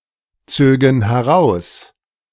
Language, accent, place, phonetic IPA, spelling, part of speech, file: German, Germany, Berlin, [ˌt͡søːɡn̩ hɛˈʁaʊ̯s], zögen heraus, verb, De-zögen heraus.ogg
- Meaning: first-person plural subjunctive II of herausziehen